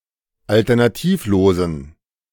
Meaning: inflection of alternativlos: 1. strong genitive masculine/neuter singular 2. weak/mixed genitive/dative all-gender singular 3. strong/weak/mixed accusative masculine singular 4. strong dative plural
- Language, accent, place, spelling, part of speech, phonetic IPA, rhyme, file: German, Germany, Berlin, alternativlosen, adjective, [ˌaltɐnaˈtiːfˌloːzn̩], -iːfloːzn̩, De-alternativlosen.ogg